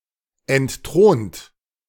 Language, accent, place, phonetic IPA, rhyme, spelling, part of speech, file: German, Germany, Berlin, [ɛntˈtʁoːnt], -oːnt, entthront, verb, De-entthront.ogg
- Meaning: 1. past participle of entthronen 2. inflection of entthronen: second-person plural present 3. inflection of entthronen: third-person singular present 4. inflection of entthronen: plural imperative